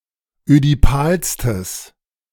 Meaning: strong/mixed nominative/accusative neuter singular superlative degree of ödipal
- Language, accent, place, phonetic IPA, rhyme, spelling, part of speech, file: German, Germany, Berlin, [ødiˈpaːlstəs], -aːlstəs, ödipalstes, adjective, De-ödipalstes.ogg